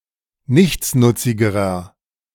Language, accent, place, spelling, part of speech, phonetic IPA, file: German, Germany, Berlin, nichtsnutzigerer, adjective, [ˈnɪçt͡snʊt͡sɪɡəʁɐ], De-nichtsnutzigerer.ogg
- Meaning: inflection of nichtsnutzig: 1. strong/mixed nominative masculine singular comparative degree 2. strong genitive/dative feminine singular comparative degree 3. strong genitive plural comparative degree